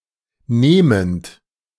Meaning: present participle of nehmen
- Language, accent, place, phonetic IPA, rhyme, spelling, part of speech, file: German, Germany, Berlin, [ˈneːmənt], -eːmənt, nehmend, verb, De-nehmend.ogg